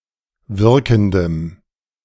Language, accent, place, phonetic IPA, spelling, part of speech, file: German, Germany, Berlin, [ˈvɪʁkn̩dəm], wirkendem, adjective, De-wirkendem.ogg
- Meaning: strong dative masculine/neuter singular of wirkend